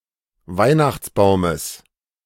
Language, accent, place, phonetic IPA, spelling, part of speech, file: German, Germany, Berlin, [ˈvaɪ̯naxt͡sˌbaʊ̯məs], Weihnachtsbaumes, noun, De-Weihnachtsbaumes.ogg
- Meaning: genitive singular of Weihnachtsbaum